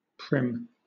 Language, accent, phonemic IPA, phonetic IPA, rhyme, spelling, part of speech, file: English, Southern England, /pɹɪm/, [pʰɹ̠̊ɪm], -ɪm, prim, adjective / verb / noun, LL-Q1860 (eng)-prim.wav
- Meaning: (adjective) 1. Of a person, their manner or appearance: Formal and precise; stiffly decorous 2. Prudish; straight-laced 3. Of things: Neat; trim; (verb) To make one's expression prim